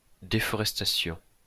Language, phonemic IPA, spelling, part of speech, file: French, /de.fɔ.ʁɛs.ta.sjɔ̃/, déforestation, noun, LL-Q150 (fra)-déforestation.wav
- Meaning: deforestation